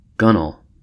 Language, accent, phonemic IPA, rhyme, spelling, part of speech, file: English, US, /ˈɡʌnəl/, -ʌnəl, gunwale, noun, En-us-gunwale.ogg
- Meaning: The top edge of the hull of a nautical vessel, at or above where the hull meets the deck